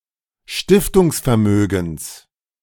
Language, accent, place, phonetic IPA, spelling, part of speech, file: German, Germany, Berlin, [ˈʃtɪftʊŋsfɛɐ̯ˌmøːɡn̩s], Stiftungsvermögens, noun, De-Stiftungsvermögens.ogg
- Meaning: genitive singular of Stiftungsvermögen